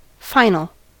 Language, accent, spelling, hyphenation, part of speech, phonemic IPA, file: English, General American, final, fi‧nal, noun / adjective / verb, /ˈfaɪn(ə)l/, En-us-final.ogg
- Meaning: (noun) A final examination; a test or examination given at the end of a term or class; the test that concludes a class